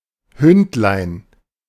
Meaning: diminutive of Hund
- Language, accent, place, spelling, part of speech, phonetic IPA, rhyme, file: German, Germany, Berlin, Hündlein, noun, [ˈhʏntlaɪ̯n], -ʏntlaɪ̯n, De-Hündlein.ogg